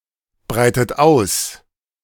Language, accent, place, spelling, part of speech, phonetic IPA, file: German, Germany, Berlin, breitet aus, verb, [ˌbʁaɪ̯tət ˈaʊ̯s], De-breitet aus.ogg
- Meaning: inflection of ausbreiten: 1. second-person plural present 2. second-person plural subjunctive I 3. third-person singular present 4. plural imperative